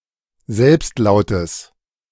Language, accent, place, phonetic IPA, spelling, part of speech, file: German, Germany, Berlin, [ˈzɛlpstˌlaʊ̯təs], Selbstlautes, noun, De-Selbstlautes.ogg
- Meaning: genitive singular of Selbstlaut